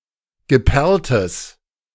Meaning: strong/mixed nominative/accusative neuter singular of geperlt
- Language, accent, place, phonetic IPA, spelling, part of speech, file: German, Germany, Berlin, [ɡəˈpɛʁltəs], geperltes, adjective, De-geperltes.ogg